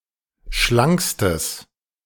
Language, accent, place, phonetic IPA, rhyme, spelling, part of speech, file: German, Germany, Berlin, [ˈʃlaŋkstəs], -aŋkstəs, schlankstes, adjective, De-schlankstes.ogg
- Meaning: strong/mixed nominative/accusative neuter singular superlative degree of schlank